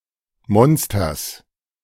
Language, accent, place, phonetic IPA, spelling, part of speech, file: German, Germany, Berlin, [ˈmɔnstɐs], Monsters, noun, De-Monsters.ogg
- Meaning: genitive singular of Monster